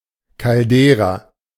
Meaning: caldera
- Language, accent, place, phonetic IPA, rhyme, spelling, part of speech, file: German, Germany, Berlin, [kalˈdeːʁa], -eːʁa, Caldera, noun, De-Caldera.ogg